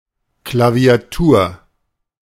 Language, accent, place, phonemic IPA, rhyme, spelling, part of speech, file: German, Germany, Berlin, /klavi̯aˈtuːɐ̯/, -uːɐ̯, Klaviatur, noun, De-Klaviatur.ogg
- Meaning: 1. keyboard (a component of many instruments) 2. smorgasbord, palette, diverse range